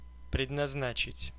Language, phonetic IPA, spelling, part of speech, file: Russian, [prʲɪdnɐzˈnat͡ɕɪtʲ], предназначить, verb, Ru-предназначить.ogg
- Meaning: 1. to appropriate 2. to assign 3. to design (for a specific purpose) 4. to intend (for), to destine (for / to); to mean (for); to set aside (for), to earmark (for) 5. to consign; to reserve